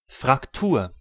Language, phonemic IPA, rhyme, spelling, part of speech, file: German, /fʁakˈtuːɐ̯/, -uːɐ̯, Fraktur, noun, De-Fraktur.ogg
- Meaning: 1. fracture (bone, etc.) 2. Fraktur, a traditional German subgroup of black letter typefaces, used for most German texts printed in Germany, Austria, and Switzerland until World War II